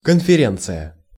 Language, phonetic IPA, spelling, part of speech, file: Russian, [kənfʲɪˈrʲent͡sɨjə], конференция, noun, Ru-конференция.ogg
- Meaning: conference